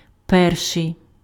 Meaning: first
- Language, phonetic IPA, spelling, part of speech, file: Ukrainian, [ˈpɛrʃei̯], перший, adjective, Uk-перший.ogg